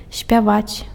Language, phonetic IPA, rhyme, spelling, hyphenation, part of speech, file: Belarusian, [sʲpʲaˈvat͡sʲ], -at͡sʲ, спяваць, спя‧ваць, verb, Be-спяваць.ogg
- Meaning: 1. to sing (form musical sounds with the voice, perform vocal works) 2. to cluck, whistle 3. to read a poem 4. to perform (an opera part, perform on stage, in the theater as a singer)